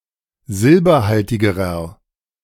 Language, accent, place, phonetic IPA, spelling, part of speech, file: German, Germany, Berlin, [ˈzɪlbɐˌhaltɪɡəʁɐ], silberhaltigerer, adjective, De-silberhaltigerer.ogg
- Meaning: inflection of silberhaltig: 1. strong/mixed nominative masculine singular comparative degree 2. strong genitive/dative feminine singular comparative degree 3. strong genitive plural comparative degree